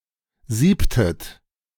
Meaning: inflection of sieben: 1. second-person plural preterite 2. second-person plural subjunctive II
- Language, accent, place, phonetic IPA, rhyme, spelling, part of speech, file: German, Germany, Berlin, [ˈziːptət], -iːptət, siebtet, verb, De-siebtet.ogg